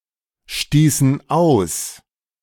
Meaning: inflection of ausstoßen: 1. first/third-person plural preterite 2. first/third-person plural subjunctive II
- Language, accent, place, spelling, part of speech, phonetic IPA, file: German, Germany, Berlin, stießen aus, verb, [ˌʃtiːsn̩ ˈaʊ̯s], De-stießen aus.ogg